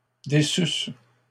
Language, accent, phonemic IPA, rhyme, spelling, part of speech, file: French, Canada, /de.sys/, -ys, déçusse, verb, LL-Q150 (fra)-déçusse.wav
- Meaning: first-person singular imperfect subjunctive of décevoir